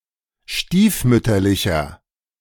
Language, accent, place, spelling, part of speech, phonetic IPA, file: German, Germany, Berlin, stiefmütterlicher, adjective, [ˈʃtiːfˌmʏtɐlɪçɐ], De-stiefmütterlicher.ogg
- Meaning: 1. comparative degree of stiefmütterlich 2. inflection of stiefmütterlich: strong/mixed nominative masculine singular 3. inflection of stiefmütterlich: strong genitive/dative feminine singular